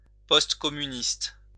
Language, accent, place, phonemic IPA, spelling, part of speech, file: French, France, Lyon, /pɔst.kɔ.my.nist/, postcommuniste, adjective, LL-Q150 (fra)-postcommuniste.wav
- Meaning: postcommunist